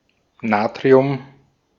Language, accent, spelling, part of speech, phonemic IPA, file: German, Austria, Natrium, noun, /ˈnaːtʁi̯ʊm/, De-at-Natrium.ogg
- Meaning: sodium